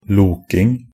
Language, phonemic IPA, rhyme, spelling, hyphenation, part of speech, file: Norwegian Bokmål, /ˈluːkɪŋ/, -ɪŋ, loking, lok‧ing, noun, Nb-loking.ogg
- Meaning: the act of lurking or wandering around aimlessly